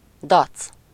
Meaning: defiance
- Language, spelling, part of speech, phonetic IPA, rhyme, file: Hungarian, dac, noun, [ˈdɒt͡s], -ɒt͡s, Hu-dac.ogg